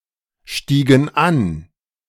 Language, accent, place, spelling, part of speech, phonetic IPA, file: German, Germany, Berlin, stiegen an, verb, [ˌʃtiːɡn̩ ˈan], De-stiegen an.ogg
- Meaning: inflection of ansteigen: 1. first/third-person plural preterite 2. first/third-person plural subjunctive II